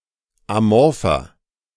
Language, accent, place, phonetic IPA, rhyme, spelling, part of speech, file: German, Germany, Berlin, [aˈmɔʁfɐ], -ɔʁfɐ, amorpher, adjective, De-amorpher.ogg
- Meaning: inflection of amorph: 1. strong/mixed nominative masculine singular 2. strong genitive/dative feminine singular 3. strong genitive plural